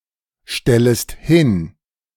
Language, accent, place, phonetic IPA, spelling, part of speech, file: German, Germany, Berlin, [ˌʃtɛləst ˈhɪn], stellest hin, verb, De-stellest hin.ogg
- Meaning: second-person singular subjunctive I of hinstellen